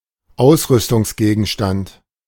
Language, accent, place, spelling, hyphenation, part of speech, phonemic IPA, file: German, Germany, Berlin, Ausrüstungsgegenstand, Aus‧rüs‧tungs‧ge‧gen‧stand, noun, /ˈaʊ̯sʁʏstʊŋsˌɡeːɡn̩ʃtant/, De-Ausrüstungsgegenstand.ogg
- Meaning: piece of equipment